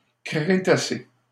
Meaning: Cretaceous period
- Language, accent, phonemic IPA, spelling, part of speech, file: French, Canada, /kʁe.ta.se/, Crétacé, proper noun, LL-Q150 (fra)-Crétacé.wav